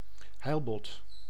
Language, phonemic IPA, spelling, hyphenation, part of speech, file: Dutch, /ˈɦɛi̯lbɔt/, heilbot, heil‧bot, noun, Nl-heilbot.ogg
- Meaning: halibut, the largest flatfish species of marine genus Hippoglossus